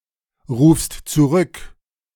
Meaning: second-person singular present of zurückrufen
- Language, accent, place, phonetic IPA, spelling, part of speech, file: German, Germany, Berlin, [ˌʁuːfst t͡suˈʁʏk], rufst zurück, verb, De-rufst zurück.ogg